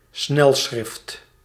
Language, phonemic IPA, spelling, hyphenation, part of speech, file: Dutch, /ˈsnɛl.sxrɪft/, snelschrift, snel‧schrift, noun, Nl-snelschrift.ogg
- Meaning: 1. shorthand, stenography 2. pamphlet